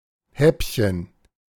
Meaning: diminutive of Happen
- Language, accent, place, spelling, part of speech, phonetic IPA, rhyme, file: German, Germany, Berlin, Häppchen, noun, [ˈhɛpçən], -ɛpçən, De-Häppchen.ogg